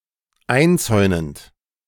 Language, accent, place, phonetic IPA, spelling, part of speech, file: German, Germany, Berlin, [ˈaɪ̯nˌt͡sɔɪ̯nənt], einzäunend, verb, De-einzäunend.ogg
- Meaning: present participle of einzäunen